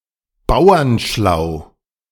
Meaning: street-wise
- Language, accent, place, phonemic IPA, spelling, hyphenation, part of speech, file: German, Germany, Berlin, /ˈbaʊ̯ɐnˌʃlaʊ̯/, bauernschlau, bau‧ern‧schlau, adjective, De-bauernschlau.ogg